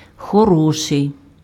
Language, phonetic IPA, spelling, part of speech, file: Ukrainian, [xɔˈrɔʃei̯], хороший, adjective, Uk-хороший.ogg
- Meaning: 1. good 2. beautiful, handsome